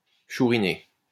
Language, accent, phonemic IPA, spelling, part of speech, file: French, France, /ʃu.ʁi.ne/, chouriner, verb, LL-Q150 (fra)-chouriner.wav
- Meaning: to knife, stab